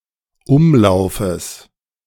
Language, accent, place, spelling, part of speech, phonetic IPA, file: German, Germany, Berlin, Umlaufes, noun, [ˈʊmˌlaʊ̯fəs], De-Umlaufes.ogg
- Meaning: genitive of Umlauf